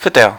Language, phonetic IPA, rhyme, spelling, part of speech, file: German, [ˈfɪtɐ], -ɪtɐ, fitter, adjective, De-fitter.ogg
- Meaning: 1. comparative degree of fit 2. inflection of fit: strong/mixed nominative masculine singular 3. inflection of fit: strong genitive/dative feminine singular